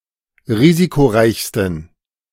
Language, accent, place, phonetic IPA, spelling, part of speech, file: German, Germany, Berlin, [ˈʁiːzikoˌʁaɪ̯çstn̩], risikoreichsten, adjective, De-risikoreichsten.ogg
- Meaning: 1. superlative degree of risikoreich 2. inflection of risikoreich: strong genitive masculine/neuter singular superlative degree